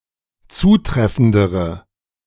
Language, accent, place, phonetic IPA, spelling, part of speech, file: German, Germany, Berlin, [ˈt͡suːˌtʁɛfn̩dəʁə], zutreffendere, adjective, De-zutreffendere.ogg
- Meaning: inflection of zutreffend: 1. strong/mixed nominative/accusative feminine singular comparative degree 2. strong nominative/accusative plural comparative degree